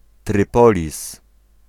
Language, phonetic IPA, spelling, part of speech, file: Polish, [trɨˈpɔlʲis], Trypolis, proper noun, Pl-Trypolis.ogg